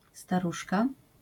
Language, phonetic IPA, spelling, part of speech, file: Polish, [staˈruʃka], staruszka, noun, LL-Q809 (pol)-staruszka.wav